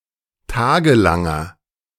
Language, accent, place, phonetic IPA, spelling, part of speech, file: German, Germany, Berlin, [ˈtaːɡəˌlaŋɐ], tagelanger, adjective, De-tagelanger.ogg
- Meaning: inflection of tagelang: 1. strong/mixed nominative masculine singular 2. strong genitive/dative feminine singular 3. strong genitive plural